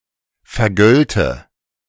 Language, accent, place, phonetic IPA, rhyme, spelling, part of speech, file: German, Germany, Berlin, [fɛɐ̯ˈɡœltə], -œltə, vergölte, verb, De-vergölte.ogg
- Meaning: first/third-person singular subjunctive II of vergelten